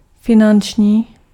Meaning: financial
- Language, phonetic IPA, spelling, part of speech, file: Czech, [ˈfɪnant͡ʃɲiː], finanční, adjective, Cs-finanční.ogg